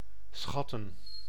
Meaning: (verb) 1. to estimate 2. to appraise; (noun) plural of schat
- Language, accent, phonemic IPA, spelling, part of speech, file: Dutch, Netherlands, /ˈsxɑ.tə(n)/, schatten, verb / noun, Nl-schatten.ogg